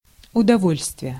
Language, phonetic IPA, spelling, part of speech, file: Russian, [ʊdɐˈvolʲstvʲɪje], удовольствие, noun, Ru-удовольствие.ogg
- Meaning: 1. satisfaction 2. pleasure